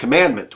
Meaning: 1. A divinely ordained command, especially one of the Ten Commandments 2. Something that must be obeyed; a command or edict 3. The offence of commanding or inducing another to violate the law
- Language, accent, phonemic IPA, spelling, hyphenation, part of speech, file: English, US, /kəˈmændmənt/, commandment, com‧mand‧ment, noun, En-us-commandment.ogg